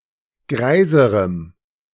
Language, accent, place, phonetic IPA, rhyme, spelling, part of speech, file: German, Germany, Berlin, [ˈɡʁaɪ̯zəʁəm], -aɪ̯zəʁəm, greiserem, adjective, De-greiserem.ogg
- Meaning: strong dative masculine/neuter singular comparative degree of greis